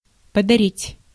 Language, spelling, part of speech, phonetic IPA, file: Russian, подарить, verb, [pədɐˈrʲitʲ], Ru-подарить.ogg
- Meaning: 1. to give, to present, to donate 2. to favour/favor, to bestow, to award